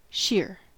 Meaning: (adjective) 1. Very thin or transparent 2. Pure in composition; unmixed; unadulterated 3. Downright; complete; pure 4. Used to emphasize the amount or degree of something
- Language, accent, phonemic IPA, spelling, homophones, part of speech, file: English, US, /ʃɪɚ/, sheer, Scheer / shear, adjective / adverb / noun / verb, En-us-sheer.ogg